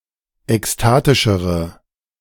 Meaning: inflection of ekstatisch: 1. strong/mixed nominative/accusative feminine singular comparative degree 2. strong nominative/accusative plural comparative degree
- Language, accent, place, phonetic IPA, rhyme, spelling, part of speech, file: German, Germany, Berlin, [ɛksˈtaːtɪʃəʁə], -aːtɪʃəʁə, ekstatischere, adjective, De-ekstatischere.ogg